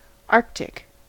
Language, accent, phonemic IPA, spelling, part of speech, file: English, US, /ˈɑɹ(k).tɪk/, Arctic, adjective / proper noun / noun, En-us-Arctic.ogg
- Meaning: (adjective) 1. Pertaining to the celestial north pole, or to the pole star 2. Pertaining to the northern polar region of the planet, characterised by extreme cold and an icy landscape